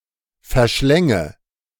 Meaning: first/third-person singular subjunctive II of verschlingen
- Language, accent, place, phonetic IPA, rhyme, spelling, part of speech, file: German, Germany, Berlin, [fɛɐ̯ˈʃlɛŋə], -ɛŋə, verschlänge, verb, De-verschlänge.ogg